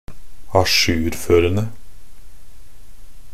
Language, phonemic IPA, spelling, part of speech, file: Norwegian Bokmål, /aˈʃʉːrføːrən(d)ə/, ajourførende, verb, Nb-ajourførende.ogg
- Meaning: present participle of ajourføre